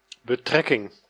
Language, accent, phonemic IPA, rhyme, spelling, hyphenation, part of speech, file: Dutch, Netherlands, /bəˈtrɛ.kɪŋ/, -ɛkɪŋ, betrekking, be‧trek‧king, noun, Nl-betrekking.ogg
- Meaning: 1. relation 2. office, position, post